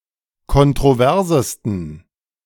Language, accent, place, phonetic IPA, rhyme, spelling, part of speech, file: German, Germany, Berlin, [kɔntʁoˈvɛʁzəstn̩], -ɛʁzəstn̩, kontroversesten, adjective, De-kontroversesten.ogg
- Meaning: 1. superlative degree of kontrovers 2. inflection of kontrovers: strong genitive masculine/neuter singular superlative degree